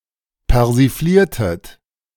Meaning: inflection of persiflieren: 1. second-person plural preterite 2. second-person plural subjunctive II
- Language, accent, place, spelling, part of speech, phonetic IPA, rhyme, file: German, Germany, Berlin, persifliertet, verb, [pɛʁziˈfliːɐ̯tət], -iːɐ̯tət, De-persifliertet.ogg